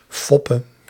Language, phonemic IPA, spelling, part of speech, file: Dutch, /ˈfɔpə/, foppe, verb, Nl-foppe.ogg
- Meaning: singular present subjunctive of foppen